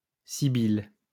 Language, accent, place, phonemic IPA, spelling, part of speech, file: French, France, Lyon, /si.bil/, sibylle, noun, LL-Q150 (fra)-sibylle.wav
- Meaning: sibyl (a pagan female oracle)